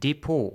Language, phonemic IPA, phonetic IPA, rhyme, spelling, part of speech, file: German, /ˈdepoː/, [deˈpoː], -oː, Depot, noun, De-Depot.ogg
- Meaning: 1. depot, repository 2. deposit, depository 3. garage or shelter for vehicles like omnibusses or trams or rent out machines